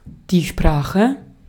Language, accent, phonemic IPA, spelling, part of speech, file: German, Austria, /ˈʃpʁaːxə/, Sprache, noun, De-at-Sprache.ogg
- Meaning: 1. language (body of words, and set of methods of combining them) 2. speech (style of speaking) 3. speech (faculty of uttering articulate sounds or words; the ability to speak)